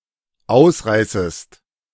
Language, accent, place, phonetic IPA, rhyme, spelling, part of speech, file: German, Germany, Berlin, [ˈaʊ̯sˌʁaɪ̯səst], -aʊ̯sʁaɪ̯səst, ausreißest, verb, De-ausreißest.ogg
- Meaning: second-person singular dependent subjunctive I of ausreißen